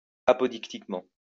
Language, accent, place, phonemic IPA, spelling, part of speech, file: French, France, Lyon, /a.pɔ.dik.tik.mɑ̃/, apodictiquement, adverb, LL-Q150 (fra)-apodictiquement.wav
- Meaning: apodictically